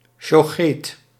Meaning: Jewish butcher. One that makes meat kosher
- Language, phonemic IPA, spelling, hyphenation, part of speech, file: Dutch, /ʃoːˈxeːt/, sjocheet, sjo‧cheet, noun, Nl-sjocheet.ogg